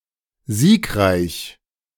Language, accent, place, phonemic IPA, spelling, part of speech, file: German, Germany, Berlin, /ˈziːkˌʁaɪ̯ç/, siegreich, adjective, De-siegreich.ogg
- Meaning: victorious